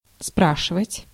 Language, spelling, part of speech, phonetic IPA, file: Russian, спрашивать, verb, [ˈspraʂɨvətʲ], Ru-спрашивать.ogg
- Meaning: 1. to ask (to ask a question of) 2. to ask for, to request, to demand 3. to call to account, to hold accountable, to make answer (for), to confront, to challenge, to question